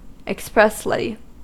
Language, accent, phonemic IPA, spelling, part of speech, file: English, US, /ɪkˈspɹɛsli/, expressly, adverb, En-us-expressly.ogg
- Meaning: 1. In an express or explicit manner; in a clear or specific manner 2. Exclusively or specifically